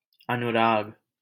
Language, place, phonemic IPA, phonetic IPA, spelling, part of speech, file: Hindi, Delhi, /ə.nʊ.ɾɑːɡ/, [ɐ.nʊ.ɾäːɡ], अनुराग, noun / proper noun, LL-Q1568 (hin)-अनुराग.wav
- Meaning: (noun) 1. higher love (e.g. the love of music or art) 2. strong desire 3. love, passion, affection, fondness 4. attachment 5. predilection; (proper noun) a male given name, Anurag, from Sanskrit